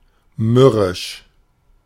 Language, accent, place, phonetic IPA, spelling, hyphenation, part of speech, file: German, Germany, Berlin, [ˈmʏʁɪʃ], mürrisch, mür‧risch, adjective, De-mürrisch.ogg
- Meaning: grumpy, sullen, morose, surly, moody, dour, cantankerous, glum, crabby